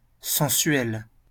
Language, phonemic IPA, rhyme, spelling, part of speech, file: French, /sɑ̃.sɥɛl/, -ɥɛl, sensuel, adjective, LL-Q150 (fra)-sensuel.wav
- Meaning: sensual (all meanings)